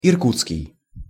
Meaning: Irkutsk, of Irkutsk
- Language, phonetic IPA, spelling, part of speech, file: Russian, [ɪrˈkut͡skʲɪj], иркутский, adjective, Ru-иркутский.ogg